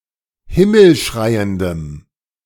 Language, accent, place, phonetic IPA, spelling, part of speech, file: German, Germany, Berlin, [ˈhɪml̩ˌʃʁaɪ̯əndəm], himmelschreiendem, adjective, De-himmelschreiendem.ogg
- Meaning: strong dative masculine/neuter singular of himmelschreiend